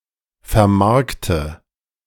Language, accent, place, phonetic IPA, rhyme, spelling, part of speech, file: German, Germany, Berlin, [fɛɐ̯ˈmaʁktə], -aʁktə, vermarkte, verb, De-vermarkte.ogg
- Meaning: inflection of vermarkten: 1. first-person singular present 2. singular imperative 3. first/third-person singular subjunctive I